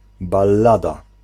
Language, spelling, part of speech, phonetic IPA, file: Polish, ballada, noun, [balˈːada], Pl-ballada.ogg